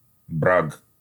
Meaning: genitive plural of бра́га (brága)
- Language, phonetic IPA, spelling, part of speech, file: Russian, [brak], браг, noun, Ru-браг.ogg